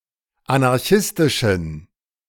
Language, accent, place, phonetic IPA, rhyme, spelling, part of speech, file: German, Germany, Berlin, [anaʁˈçɪstɪʃn̩], -ɪstɪʃn̩, anarchistischen, adjective, De-anarchistischen.ogg
- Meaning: inflection of anarchistisch: 1. strong genitive masculine/neuter singular 2. weak/mixed genitive/dative all-gender singular 3. strong/weak/mixed accusative masculine singular 4. strong dative plural